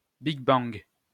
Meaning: alternative form of Big Bang
- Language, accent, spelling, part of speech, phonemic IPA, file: French, France, bigbang, noun, /biɡ.bɑ̃ɡ/, LL-Q150 (fra)-bigbang.wav